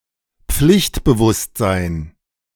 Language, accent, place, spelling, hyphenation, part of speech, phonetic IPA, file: German, Germany, Berlin, Pflichtbewusstsein, Pflicht‧be‧wusst‧sein, noun, [ˈpflɪçtbəˌvʊstzaɪ̯n], De-Pflichtbewusstsein.ogg
- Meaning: sense of duty